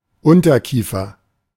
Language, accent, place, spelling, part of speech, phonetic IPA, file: German, Germany, Berlin, Unterkiefer, noun, [ˈʊntɐˌkiːfɐ], De-Unterkiefer.ogg
- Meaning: mandible